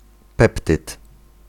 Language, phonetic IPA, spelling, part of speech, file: Polish, [ˈpɛptɨt], peptyd, noun, Pl-peptyd.ogg